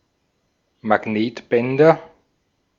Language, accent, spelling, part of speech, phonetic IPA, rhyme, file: German, Austria, Magnetbänder, noun, [maˈɡneːtˌbɛndɐ], -eːtbɛndɐ, De-at-Magnetbänder.ogg
- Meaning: nominative/accusative/genitive plural of Magnetband